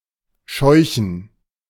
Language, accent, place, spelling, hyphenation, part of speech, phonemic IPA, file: German, Germany, Berlin, scheuchen, scheu‧chen, verb, /ˈʃɔɪçən/, De-scheuchen.ogg
- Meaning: to shoo, to drive (to make someone/something move quickly in a certain direction by way of threats, authority, loud noises, etc.)